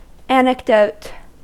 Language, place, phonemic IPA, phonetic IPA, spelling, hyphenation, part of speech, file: English, California, /ˈæn.ɪkˌdoʊt/, [ˈɛən.ɪkˌdoʊt], anecdote, a‧nec‧dote, noun / verb, En-us-anecdote.ogg
- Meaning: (noun) 1. A short account of a real incident or person, often humorous or interesting 2. An account which supports an argument, but which is not supported by scientific or statistical analysis